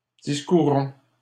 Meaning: inflection of discourir: 1. first-person plural present indicative 2. first-person plural imperative
- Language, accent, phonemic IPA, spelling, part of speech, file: French, Canada, /dis.ku.ʁɔ̃/, discourons, verb, LL-Q150 (fra)-discourons.wav